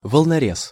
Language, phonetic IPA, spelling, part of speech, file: Russian, [vəɫnɐˈrʲes], волнорез, noun, Ru-волнорез.ogg
- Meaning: 1. breakwater 2. wave-piercing vessel